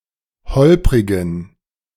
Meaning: inflection of holprig: 1. strong genitive masculine/neuter singular 2. weak/mixed genitive/dative all-gender singular 3. strong/weak/mixed accusative masculine singular 4. strong dative plural
- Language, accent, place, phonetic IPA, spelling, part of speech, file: German, Germany, Berlin, [ˈhɔlpʁɪɡn̩], holprigen, adjective, De-holprigen.ogg